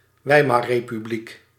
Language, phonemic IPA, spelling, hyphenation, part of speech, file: Dutch, /ˈʋɛi̯.mɑr.reː.pyˌblik/, Weimarrepubliek, Wei‧mar‧re‧pu‧bliek, proper noun, Nl-Weimarrepubliek.ogg
- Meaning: Weimar Republic